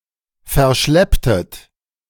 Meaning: inflection of verschleppen: 1. second-person plural preterite 2. second-person plural subjunctive II
- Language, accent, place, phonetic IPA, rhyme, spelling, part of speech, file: German, Germany, Berlin, [fɛɐ̯ˈʃlɛptət], -ɛptət, verschlepptet, verb, De-verschlepptet.ogg